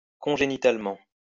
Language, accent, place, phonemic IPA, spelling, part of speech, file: French, France, Lyon, /kɔ̃.ʒe.ni.tal.mɑ̃/, congénitalement, adverb, LL-Q150 (fra)-congénitalement.wav
- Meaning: congenitally